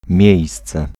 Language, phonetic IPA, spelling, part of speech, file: Polish, [ˈmʲjɛ̇jst͡sɛ], miejsce, noun, Pl-miejsce.ogg